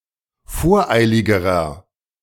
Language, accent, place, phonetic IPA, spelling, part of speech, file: German, Germany, Berlin, [ˈfoːɐ̯ˌʔaɪ̯lɪɡəʁɐ], voreiligerer, adjective, De-voreiligerer.ogg
- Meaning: inflection of voreilig: 1. strong/mixed nominative masculine singular comparative degree 2. strong genitive/dative feminine singular comparative degree 3. strong genitive plural comparative degree